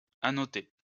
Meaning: to annotate
- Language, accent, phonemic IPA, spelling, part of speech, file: French, France, /a.nɔ.te/, annoter, verb, LL-Q150 (fra)-annoter.wav